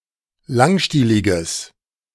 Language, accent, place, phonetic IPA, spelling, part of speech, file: German, Germany, Berlin, [ˈlaŋˌʃtiːlɪɡəs], langstieliges, adjective, De-langstieliges.ogg
- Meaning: strong/mixed nominative/accusative neuter singular of langstielig